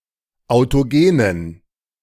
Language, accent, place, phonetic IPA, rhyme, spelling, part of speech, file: German, Germany, Berlin, [aʊ̯toˈɡeːnən], -eːnən, autogenen, adjective, De-autogenen.ogg
- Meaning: inflection of autogen: 1. strong genitive masculine/neuter singular 2. weak/mixed genitive/dative all-gender singular 3. strong/weak/mixed accusative masculine singular 4. strong dative plural